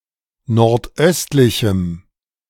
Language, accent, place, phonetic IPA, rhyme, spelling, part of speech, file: German, Germany, Berlin, [nɔʁtˈʔœstlɪçm̩], -œstlɪçm̩, nordöstlichem, adjective, De-nordöstlichem.ogg
- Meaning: strong dative masculine/neuter singular of nordöstlich